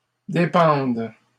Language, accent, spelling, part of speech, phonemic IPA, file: French, Canada, dépendes, verb, /de.pɑ̃d/, LL-Q150 (fra)-dépendes.wav
- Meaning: second-person singular present subjunctive of dépendre